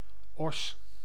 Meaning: ox (castrated bull)
- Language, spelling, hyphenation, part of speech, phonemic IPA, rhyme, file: Dutch, os, os, noun, /ɔs/, -ɔs, Nl-os.ogg